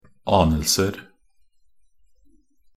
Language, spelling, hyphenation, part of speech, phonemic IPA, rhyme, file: Norwegian Bokmål, anelser, an‧el‧ser, noun, /ˈɑːnəlsər/, -ər, Nb-anelser.ogg
- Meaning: indefinite plural of anelse